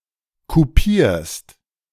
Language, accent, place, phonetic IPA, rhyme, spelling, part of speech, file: German, Germany, Berlin, [kuˈpiːɐ̯st], -iːɐ̯st, kupierst, verb, De-kupierst.ogg
- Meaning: second-person singular present of kupieren